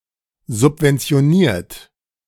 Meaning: 1. past participle of subventionieren 2. inflection of subventionieren: third-person singular present 3. inflection of subventionieren: second-person plural present
- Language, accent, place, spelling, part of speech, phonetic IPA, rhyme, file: German, Germany, Berlin, subventioniert, verb, [zʊpvɛnt͡si̯oˈniːɐ̯t], -iːɐ̯t, De-subventioniert.ogg